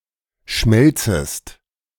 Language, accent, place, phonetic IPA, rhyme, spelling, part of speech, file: German, Germany, Berlin, [ˈʃmɛlt͡səst], -ɛlt͡səst, schmelzest, verb, De-schmelzest.ogg
- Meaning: second-person singular subjunctive I of schmelzen